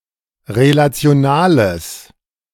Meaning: strong/mixed nominative/accusative neuter singular of relational
- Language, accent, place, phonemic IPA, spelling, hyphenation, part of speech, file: German, Germany, Berlin, /ʁelat͡sɪ̯oˈnaːləs/, relationales, re‧la‧ti‧o‧na‧les, adjective, De-relationales.ogg